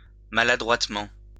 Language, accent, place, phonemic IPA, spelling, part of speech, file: French, France, Lyon, /ma.la.dʁwat.mɑ̃/, maladroitement, adverb, LL-Q150 (fra)-maladroitement.wav
- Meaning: awkwardly; maladroitly